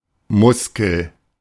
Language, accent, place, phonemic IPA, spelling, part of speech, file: German, Germany, Berlin, /ˈmʊskəl/, Muskel, noun, De-Muskel.ogg
- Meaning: muscle